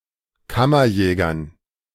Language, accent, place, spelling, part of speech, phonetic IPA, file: German, Germany, Berlin, Kammerjägern, noun, [ˈkamɐˌjɛːɡɐn], De-Kammerjägern.ogg
- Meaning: dative plural of Kammerjäger